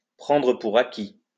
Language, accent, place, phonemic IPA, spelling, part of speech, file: French, France, Lyon, /pʁɑ̃.dʁə pu.ʁ‿a.ki/, prendre pour acquis, verb, LL-Q150 (fra)-prendre pour acquis.wav
- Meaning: to take for granted